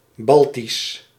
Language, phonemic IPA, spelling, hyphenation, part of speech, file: Dutch, /ˈbɑl.tis/, Baltisch, Bal‧tisch, adjective, Nl-Baltisch.ogg
- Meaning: Baltic